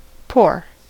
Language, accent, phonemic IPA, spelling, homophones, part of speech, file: English, US, /poɹ/, pour, pore, verb / noun, En-us-pour.ogg
- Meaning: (verb) To cause (liquid, or liquid-like substance) to flow in a stream, either out of a container or into it